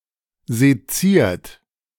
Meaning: 1. past participle of sezieren 2. inflection of sezieren: third-person singular present 3. inflection of sezieren: second-person plural present 4. inflection of sezieren: plural imperative
- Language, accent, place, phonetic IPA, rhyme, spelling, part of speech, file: German, Germany, Berlin, [zeˈt͡siːɐ̯t], -iːɐ̯t, seziert, verb, De-seziert.ogg